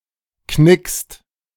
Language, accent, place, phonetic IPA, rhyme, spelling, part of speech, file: German, Germany, Berlin, [knɪkst], -ɪkst, knickst, verb, De-knickst.ogg
- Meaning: 1. second-person singular present of knicken 2. inflection of knicksen: second-person plural present 3. inflection of knicksen: third-person singular present